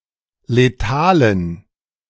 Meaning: inflection of letal: 1. strong genitive masculine/neuter singular 2. weak/mixed genitive/dative all-gender singular 3. strong/weak/mixed accusative masculine singular 4. strong dative plural
- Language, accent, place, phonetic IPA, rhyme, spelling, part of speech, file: German, Germany, Berlin, [leˈtaːlən], -aːlən, letalen, adjective, De-letalen.ogg